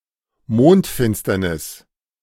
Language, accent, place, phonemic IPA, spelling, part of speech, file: German, Germany, Berlin, /ˈmoːntˌfɪnstɐnɪs/, Mondfinsternis, noun, De-Mondfinsternis.ogg
- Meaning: lunar eclipse